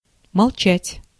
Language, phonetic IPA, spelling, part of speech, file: Russian, [mɐɫˈt͡ɕætʲ], молчать, verb, Ru-молчать.ogg
- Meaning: to keep silent, to be silent